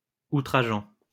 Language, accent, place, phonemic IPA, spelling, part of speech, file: French, France, Lyon, /u.tʁa.ʒɑ̃/, outrageant, verb / adjective, LL-Q150 (fra)-outrageant.wav
- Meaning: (verb) present participle of outrager; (adjective) 1. outrageous 2. offensive, insulting